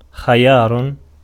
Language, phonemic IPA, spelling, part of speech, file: Arabic, /xi.jaːr/, خيار, noun, Ar-خيار.ogg
- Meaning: cucumber